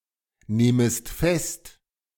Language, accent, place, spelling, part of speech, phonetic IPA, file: German, Germany, Berlin, nehmest fest, verb, [ˌneːməst ˈfɛst], De-nehmest fest.ogg
- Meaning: second-person singular subjunctive I of festnehmen